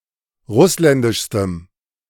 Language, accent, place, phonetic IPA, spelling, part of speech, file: German, Germany, Berlin, [ˈʁʊslɛndɪʃstəm], russländischstem, adjective, De-russländischstem.ogg
- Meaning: strong dative masculine/neuter singular superlative degree of russländisch